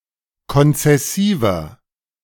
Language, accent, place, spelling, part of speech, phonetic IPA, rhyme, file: German, Germany, Berlin, konzessiver, adjective, [kɔnt͡sɛˈsiːvɐ], -iːvɐ, De-konzessiver.ogg
- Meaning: inflection of konzessiv: 1. strong/mixed nominative masculine singular 2. strong genitive/dative feminine singular 3. strong genitive plural